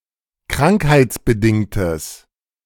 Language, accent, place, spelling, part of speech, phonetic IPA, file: German, Germany, Berlin, krankheitsbedingtes, adjective, [ˈkʁaŋkhaɪ̯t͡sbəˌdɪŋtəs], De-krankheitsbedingtes.ogg
- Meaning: strong/mixed nominative/accusative neuter singular of krankheitsbedingt